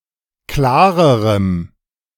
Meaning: strong dative masculine/neuter singular comparative degree of klar
- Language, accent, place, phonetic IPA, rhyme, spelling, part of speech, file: German, Germany, Berlin, [ˈklaːʁəʁəm], -aːʁəʁəm, klarerem, adjective, De-klarerem.ogg